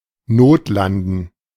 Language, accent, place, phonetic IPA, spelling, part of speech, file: German, Germany, Berlin, [ˈnoːtˌlandn̩], notlanden, verb, De-notlanden.ogg
- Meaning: 1. to make an emergency landing, to make a forced landing 2. to make an emergency landing [with accusative ‘with a plane’]